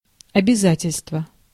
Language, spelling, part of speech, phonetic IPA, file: Russian, обязательство, noun, [ɐbʲɪˈzatʲɪlʲstvə], Ru-обязательство.ogg
- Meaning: 1. obligation 2. liability 3. engagement